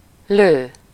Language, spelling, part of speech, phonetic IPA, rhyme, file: Hungarian, lő, verb, [ˈløː], -løː, Hu-lő.ogg
- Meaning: 1. to shoot, fire 2. bang goes to…, the game is up, to be all up with (used with -nak/-nek)